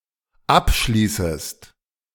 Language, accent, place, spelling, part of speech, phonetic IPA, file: German, Germany, Berlin, abschließest, verb, [ˈapˌʃliːsəst], De-abschließest.ogg
- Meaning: second-person singular dependent subjunctive I of abschließen